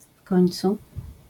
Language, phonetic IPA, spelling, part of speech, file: Polish, [ˈf‿kɔ̃j̃nt͡su], w końcu, adverbial phrase, LL-Q809 (pol)-w końcu.wav